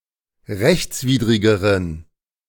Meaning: inflection of rechtswidrig: 1. strong genitive masculine/neuter singular comparative degree 2. weak/mixed genitive/dative all-gender singular comparative degree
- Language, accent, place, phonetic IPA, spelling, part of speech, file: German, Germany, Berlin, [ˈʁɛçt͡sˌviːdʁɪɡəʁən], rechtswidrigeren, adjective, De-rechtswidrigeren.ogg